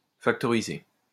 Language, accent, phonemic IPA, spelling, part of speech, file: French, France, /fak.tɔ.ʁi.ze/, factoriser, verb, LL-Q150 (fra)-factoriser.wav
- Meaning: to factorize (to divide an expression into a list of items that, when multiplied together, will produce the original quantity)